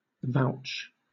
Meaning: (verb) 1. To call on (someone) to be a witness to something 2. To cite or rely on (an authority, a written work, etc.) in support of one's actions or opinions
- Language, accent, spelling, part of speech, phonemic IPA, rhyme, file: English, Southern England, vouch, verb / noun, /ˈvaʊt͡ʃ/, -aʊtʃ, LL-Q1860 (eng)-vouch.wav